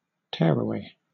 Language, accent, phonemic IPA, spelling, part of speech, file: English, Southern England, /ˈtɛəɹəweɪ/, tearaway, noun, LL-Q1860 (eng)-tearaway.wav
- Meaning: An impetuous and reckless person who is difficult to control; a hothead